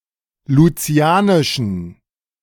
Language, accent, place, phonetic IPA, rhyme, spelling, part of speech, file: German, Germany, Berlin, [luˈt͡si̯aːnɪʃn̩], -aːnɪʃn̩, lucianischen, adjective, De-lucianischen.ogg
- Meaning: inflection of lucianisch: 1. strong genitive masculine/neuter singular 2. weak/mixed genitive/dative all-gender singular 3. strong/weak/mixed accusative masculine singular 4. strong dative plural